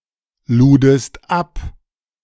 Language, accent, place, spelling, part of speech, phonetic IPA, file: German, Germany, Berlin, ludest ab, verb, [ˌluːdəst ˈap], De-ludest ab.ogg
- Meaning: second-person singular preterite of abladen